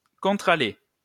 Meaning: 1. sidepath 2. side aisle (of church)
- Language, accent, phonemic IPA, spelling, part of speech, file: French, France, /kɔ̃.tʁa.le/, contre-allée, noun, LL-Q150 (fra)-contre-allée.wav